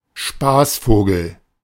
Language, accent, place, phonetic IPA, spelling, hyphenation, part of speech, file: German, Germany, Berlin, [ˈʃpaːsˌfoːɡl̩], Spaßvogel, Spaß‧vo‧gel, noun, De-Spaßvogel.ogg
- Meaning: joker, jester